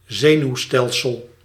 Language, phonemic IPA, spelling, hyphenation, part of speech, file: Dutch, /ˈzeː.nyu̯ˌstɛl.səl/, zenuwstelsel, ze‧nuw‧stel‧sel, noun, Nl-zenuwstelsel.ogg
- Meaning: nervous system